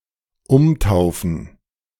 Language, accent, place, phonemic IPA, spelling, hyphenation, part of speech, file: German, Germany, Berlin, /ˈʊmˌtaʊ̯fn̩/, umtaufen, um‧tau‧fen, verb, De-umtaufen.ogg
- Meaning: to rebaptize